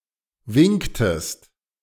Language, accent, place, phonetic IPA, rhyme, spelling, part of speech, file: German, Germany, Berlin, [ˈvɪŋktəst], -ɪŋktəst, winktest, verb, De-winktest.ogg
- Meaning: inflection of winken: 1. second-person singular preterite 2. second-person singular subjunctive II